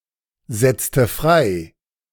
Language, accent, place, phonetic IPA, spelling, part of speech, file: German, Germany, Berlin, [ˌzɛt͡stə ˈfʁaɪ̯], setzte frei, verb, De-setzte frei.ogg
- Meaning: inflection of freisetzen: 1. first/third-person singular preterite 2. first/third-person singular subjunctive II